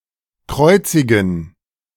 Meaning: to crucify
- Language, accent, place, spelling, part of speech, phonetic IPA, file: German, Germany, Berlin, kreuzigen, verb, [ˈkʁɔɪ̯t͡sɪɡn̩], De-kreuzigen.ogg